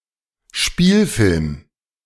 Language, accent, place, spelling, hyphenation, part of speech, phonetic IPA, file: German, Germany, Berlin, Spielfilm, Spiel‧film, noun, [ˈʃpiːlˌfɪlm], De-Spielfilm.ogg
- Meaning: narrative film, fictional film, fiction film